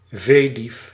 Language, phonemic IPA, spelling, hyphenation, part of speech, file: Dutch, /ˈveː.dif/, veedief, vee‧dief, noun, Nl-veedief.ogg
- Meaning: abactor, someone who steals livestock